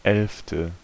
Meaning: eleventh
- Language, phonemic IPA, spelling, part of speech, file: German, /ɛlftə/, elfte, adjective, De-elfte.ogg